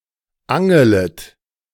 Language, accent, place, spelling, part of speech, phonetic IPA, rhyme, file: German, Germany, Berlin, angelet, verb, [ˈaŋələt], -aŋələt, De-angelet.ogg
- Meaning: second-person plural subjunctive I of angeln